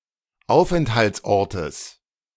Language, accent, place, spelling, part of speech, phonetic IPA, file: German, Germany, Berlin, Aufenthaltsortes, noun, [ˈaʊ̯fʔɛnthalt͡sˌʔɔʁtəs], De-Aufenthaltsortes.ogg
- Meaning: genitive singular of Aufenthaltsort